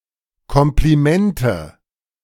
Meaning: nominative/accusative/genitive plural of Kompliment
- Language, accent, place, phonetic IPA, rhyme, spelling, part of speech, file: German, Germany, Berlin, [ˌkɔmpliˈmɛntə], -ɛntə, Komplimente, noun, De-Komplimente.ogg